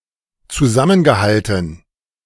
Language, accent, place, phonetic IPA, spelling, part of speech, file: German, Germany, Berlin, [t͡suˈzamənɡəˌhaltn̩], zusammengehalten, verb, De-zusammengehalten.ogg
- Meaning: past participle of zusammenhalten